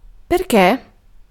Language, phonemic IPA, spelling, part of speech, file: Italian, /per.ˈke/, perché, adverb / conjunction / noun, It-perché.ogg